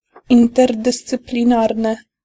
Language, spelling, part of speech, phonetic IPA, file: Polish, interdyscyplinarny, adjective, [ˌĩntɛrdɨst͡sɨplʲĩˈnarnɨ], Pl-interdyscyplinarny.ogg